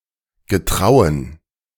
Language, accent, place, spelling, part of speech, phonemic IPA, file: German, Germany, Berlin, getrauen, verb, /ɡəˈtʁaʊ̯ən/, De-getrauen.ogg
- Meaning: to dare